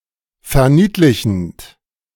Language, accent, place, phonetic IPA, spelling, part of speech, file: German, Germany, Berlin, [fɛɐ̯ˈniːtlɪçn̩t], verniedlichend, verb, De-verniedlichend.ogg
- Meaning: present participle of verniedlichen